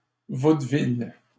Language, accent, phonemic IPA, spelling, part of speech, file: French, Canada, /vod.vil/, vaudeville, noun, LL-Q150 (fra)-vaudeville.wav
- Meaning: vaudeville